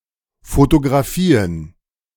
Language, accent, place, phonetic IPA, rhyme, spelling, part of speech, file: German, Germany, Berlin, [fotoɡʁaˈfiːən], -iːən, Photographien, noun, De-Photographien.ogg
- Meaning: plural of Photographie